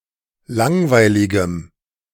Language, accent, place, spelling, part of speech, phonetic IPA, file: German, Germany, Berlin, langweiligem, adjective, [ˈlaŋvaɪ̯lɪɡəm], De-langweiligem.ogg
- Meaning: strong dative masculine/neuter singular of langweilig